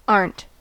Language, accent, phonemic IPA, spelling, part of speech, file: English, US, /ɑɹ(ə)nt/, aren't, verb, En-us-aren't.ogg
- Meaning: 1. are not (negative auxiliary) 2. A contraction of “am not”, used e.g. in the construction "aren’t I?"